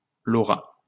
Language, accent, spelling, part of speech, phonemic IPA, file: French, France, Laura, proper noun, /lɔ.ʁa/, LL-Q150 (fra)-Laura.wav
- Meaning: a female given name